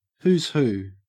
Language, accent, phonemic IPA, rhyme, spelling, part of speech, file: English, Australia, /ˌhuːz ˈhuː/, -uː, who's who, noun, En-au-who's who.ogg
- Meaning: 1. A publication containing biographies of well-known or important people 2. A list of notable, famous, or upper-class people 3. Collectively, the elite class